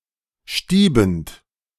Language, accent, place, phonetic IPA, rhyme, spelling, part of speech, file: German, Germany, Berlin, [ˈʃtiːbn̩t], -iːbn̩t, stiebend, verb, De-stiebend.ogg
- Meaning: present participle of stieben